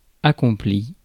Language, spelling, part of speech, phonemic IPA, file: French, accompli, adjective / verb, /a.kɔ̃.pli/, Fr-accompli.ogg
- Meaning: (adjective) 1. achieved, accomplished, perfect 2. finished, done; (verb) past participle of accomplir